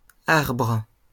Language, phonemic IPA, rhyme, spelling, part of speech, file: French, /aʁbʁ/, -aʁbʁ, arbres, noun, LL-Q150 (fra)-arbres.wav
- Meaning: plural of arbre